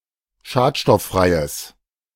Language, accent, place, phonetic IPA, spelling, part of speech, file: German, Germany, Berlin, [ˈʃaːtʃtɔfˌfʁaɪ̯əs], schadstofffreies, adjective, De-schadstofffreies.ogg
- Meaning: strong/mixed nominative/accusative neuter singular of schadstofffrei